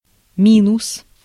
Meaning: 1. minus 2. minus sign, − 3. disadvantage, defect, shortcoming 4. a subzero temperature (below zero degrees Celsius) 5. clipping of минусо́вка (minusóvka); backing track, instrumental
- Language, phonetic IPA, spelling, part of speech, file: Russian, [ˈmʲinʊs], минус, noun, Ru-минус.ogg